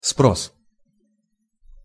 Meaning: 1. asking (the action of the verb to спрашивать (sprašivatʹ), спросить (sprositʹ)) 2. demand (for something) 3. demand (for responsibility)
- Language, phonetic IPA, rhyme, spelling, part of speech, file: Russian, [spros], -os, спрос, noun, Ru-спрос.ogg